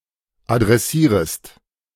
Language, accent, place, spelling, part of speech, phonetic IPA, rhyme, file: German, Germany, Berlin, adressierest, verb, [adʁɛˈsiːʁəst], -iːʁəst, De-adressierest.ogg
- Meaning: second-person singular subjunctive I of adressieren